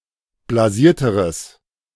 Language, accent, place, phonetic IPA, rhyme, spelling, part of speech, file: German, Germany, Berlin, [blaˈziːɐ̯təʁəs], -iːɐ̯təʁəs, blasierteres, adjective, De-blasierteres.ogg
- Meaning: strong/mixed nominative/accusative neuter singular comparative degree of blasiert